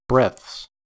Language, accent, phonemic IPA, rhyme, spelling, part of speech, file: English, US, /bɹɛθs/, -ɛθs, breaths, noun, En-us-breaths.ogg
- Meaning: plural of breath